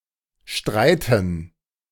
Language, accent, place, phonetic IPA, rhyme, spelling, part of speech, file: German, Germany, Berlin, [ˈʃtʁaɪ̯tn̩], -aɪ̯tn̩, Streiten, noun, De-Streiten.ogg
- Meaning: 1. gerund of streiten 2. dative plural of Streit